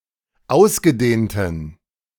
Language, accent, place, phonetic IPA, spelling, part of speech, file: German, Germany, Berlin, [ˈaʊ̯sɡəˌdeːntn̩], ausgedehnten, adjective, De-ausgedehnten.ogg
- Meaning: inflection of ausgedehnt: 1. strong genitive masculine/neuter singular 2. weak/mixed genitive/dative all-gender singular 3. strong/weak/mixed accusative masculine singular 4. strong dative plural